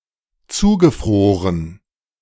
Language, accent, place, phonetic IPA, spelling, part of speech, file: German, Germany, Berlin, [ˈt͡suːɡəˌfʁoːʁən], zugefroren, verb, De-zugefroren.ogg
- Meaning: past participle of zufrieren